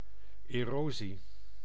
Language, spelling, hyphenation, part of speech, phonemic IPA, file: Dutch, erosie, ero‧sie, noun, /ˌeːˈroː.zi/, Nl-erosie.ogg
- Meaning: 1. erosion 2. erosion (gradual loss or decay, e.g. of support or social cohesion) 3. causticness, corrosion